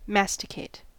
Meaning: 1. To chew (usually food) 2. To grind or knead something into a pulp
- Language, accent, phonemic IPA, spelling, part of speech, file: English, US, /ˈmæstɪkeɪt/, masticate, verb, En-us-masticate.ogg